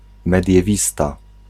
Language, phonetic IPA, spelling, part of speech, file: Polish, [ˌmɛdʲjɛˈvʲista], mediewista, noun, Pl-mediewista.ogg